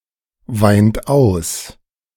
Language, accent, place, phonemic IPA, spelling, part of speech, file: German, Germany, Berlin, /ˌvaɪ̯nt ˈaʊ̯s/, weint aus, verb, De-weint aus.ogg
- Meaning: inflection of ausweinen: 1. third-person singular present 2. second-person plural present 3. second-person plural subjunctive I 4. plural imperative